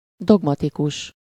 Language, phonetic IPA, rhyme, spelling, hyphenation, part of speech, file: Hungarian, [ˈdoɡmɒtikuʃ], -uʃ, dogmatikus, dog‧ma‧ti‧kus, adjective / noun, Hu-dogmatikus.ogg
- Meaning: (adjective) dogmatic, dogmatical; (noun) dogmatist, dogmatician, dogmatic (one of an ancient sect of physicians who went by general principles; opposed to the empiric)